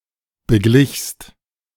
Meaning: second-person singular preterite of begleichen
- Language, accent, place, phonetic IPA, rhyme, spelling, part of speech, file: German, Germany, Berlin, [bəˈɡlɪçst], -ɪçst, beglichst, verb, De-beglichst.ogg